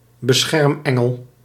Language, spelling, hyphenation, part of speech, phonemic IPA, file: Dutch, beschermengel, be‧scherm‧en‧gel, noun, /bəˈsxɛrmˌɛ.ŋəl/, Nl-beschermengel.ogg
- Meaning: 1. a guardian angel (tutelary angel) 2. a guardian angel (protector, minder)